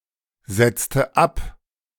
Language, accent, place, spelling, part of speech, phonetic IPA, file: German, Germany, Berlin, setzte ab, verb, [ˌz̥ɛt͡stə ˈap], De-setzte ab.ogg
- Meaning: inflection of absetzen: 1. first/third-person singular preterite 2. first/third-person singular subjunctive II